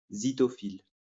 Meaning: zythophile (lover of beer)
- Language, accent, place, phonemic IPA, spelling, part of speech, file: French, France, Lyon, /zi.tɔ.fil/, zythophile, noun, LL-Q150 (fra)-zythophile.wav